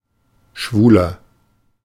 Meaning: comparative degree of schwul
- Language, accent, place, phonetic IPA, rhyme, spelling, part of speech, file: German, Germany, Berlin, [ˈʃvuːlɐ], -uːlɐ, schwuler, adjective, De-schwuler.ogg